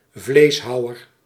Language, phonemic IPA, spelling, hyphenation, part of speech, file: Dutch, /ˈvleːsˌɦɑu̯.ər/, vleeshouwer, vlees‧hou‧wer, noun, Nl-vleeshouwer.ogg
- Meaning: butcher